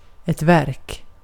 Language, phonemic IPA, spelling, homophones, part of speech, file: Swedish, /vɛrk/, verk, värk, noun, Sv-verk.ogg
- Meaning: 1. a work; something which has been accomplished 2. a case, an event (under study or at hand) 3. an agency running directly under the government